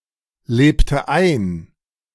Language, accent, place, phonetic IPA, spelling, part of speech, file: German, Germany, Berlin, [ˌleːptə ˈaɪ̯n], lebte ein, verb, De-lebte ein.ogg
- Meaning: inflection of einleben: 1. first/third-person singular preterite 2. first/third-person singular subjunctive II